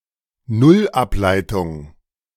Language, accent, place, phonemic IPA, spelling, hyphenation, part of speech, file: German, Germany, Berlin, /ˈnʊlˌʔaplaɪ̯tʊŋ/, Nullableitung, Null‧ab‧lei‧tung, noun, De-Nullableitung.ogg
- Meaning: zero derivation